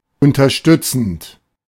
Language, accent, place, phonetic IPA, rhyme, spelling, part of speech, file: German, Germany, Berlin, [ˌʊntɐˈʃtʏt͡sn̩t], -ʏt͡sn̩t, unterstützend, verb, De-unterstützend.ogg
- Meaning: present participle of unterstützen